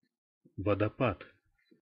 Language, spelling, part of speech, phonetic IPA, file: Russian, водопад, noun, [vədɐˈpat], Ru-водопад.oga
- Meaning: waterfall